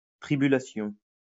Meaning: tribulation
- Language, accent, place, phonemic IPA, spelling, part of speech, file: French, France, Lyon, /tʁi.by.la.sjɔ̃/, tribulation, noun, LL-Q150 (fra)-tribulation.wav